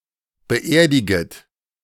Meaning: second-person plural subjunctive I of beerdigen
- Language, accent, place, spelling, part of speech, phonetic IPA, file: German, Germany, Berlin, beerdiget, verb, [bəˈʔeːɐ̯dɪɡət], De-beerdiget.ogg